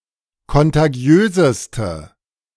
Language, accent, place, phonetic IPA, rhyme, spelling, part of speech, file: German, Germany, Berlin, [kɔntaˈɡi̯øːzəstə], -øːzəstə, kontagiöseste, adjective, De-kontagiöseste.ogg
- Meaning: inflection of kontagiös: 1. strong/mixed nominative/accusative feminine singular superlative degree 2. strong nominative/accusative plural superlative degree